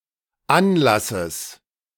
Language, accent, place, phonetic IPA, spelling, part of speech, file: German, Germany, Berlin, [ˈanˌlasəs], Anlasses, noun, De-Anlasses.ogg
- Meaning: genitive singular of Anlass